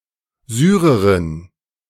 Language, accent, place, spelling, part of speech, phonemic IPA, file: German, Germany, Berlin, Syrerin, noun, /ˈzyːʁəʁɪn/, De-Syrerin.ogg
- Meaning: female equivalent of Syrer (“Syrian”)